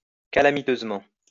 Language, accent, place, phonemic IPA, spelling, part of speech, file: French, France, Lyon, /ka.la.mi.tøz.mɑ̃/, calamiteusement, adverb, LL-Q150 (fra)-calamiteusement.wav
- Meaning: calamitously